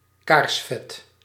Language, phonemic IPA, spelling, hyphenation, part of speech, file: Dutch, /ˈkaːrsvɛt/, kaarsvet, kaars‧vet, noun, Nl-kaarsvet.ogg
- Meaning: candle wax